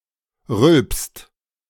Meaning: inflection of rülpsen: 1. second/third-person singular present 2. second-person plural present 3. plural imperative
- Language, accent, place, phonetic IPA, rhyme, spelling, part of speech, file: German, Germany, Berlin, [ʁʏlpst], -ʏlpst, rülpst, verb, De-rülpst.ogg